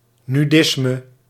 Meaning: nudism
- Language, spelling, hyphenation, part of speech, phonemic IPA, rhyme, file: Dutch, nudisme, nu‧dis‧me, noun, /ˌnyˈdɪs.mə/, -ɪsmə, Nl-nudisme.ogg